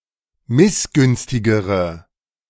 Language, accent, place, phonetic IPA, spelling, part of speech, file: German, Germany, Berlin, [ˈmɪsˌɡʏnstɪɡəʁə], missgünstigere, adjective, De-missgünstigere.ogg
- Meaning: inflection of missgünstig: 1. strong/mixed nominative/accusative feminine singular comparative degree 2. strong nominative/accusative plural comparative degree